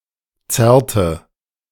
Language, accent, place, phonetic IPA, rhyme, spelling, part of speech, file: German, Germany, Berlin, [ˈt͡sɛʁtə], -ɛʁtə, zerrte, verb, De-zerrte.ogg
- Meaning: inflection of zerren: 1. first/third-person singular preterite 2. first/third-person singular subjunctive II